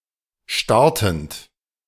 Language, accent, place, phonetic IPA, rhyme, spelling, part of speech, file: German, Germany, Berlin, [ˈʃtaʁtn̩t], -aʁtn̩t, startend, verb, De-startend.ogg
- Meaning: present participle of starten